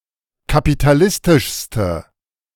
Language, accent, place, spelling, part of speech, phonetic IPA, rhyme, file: German, Germany, Berlin, kapitalistischste, adjective, [kapitaˈlɪstɪʃstə], -ɪstɪʃstə, De-kapitalistischste.ogg
- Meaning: inflection of kapitalistisch: 1. strong/mixed nominative/accusative feminine singular superlative degree 2. strong nominative/accusative plural superlative degree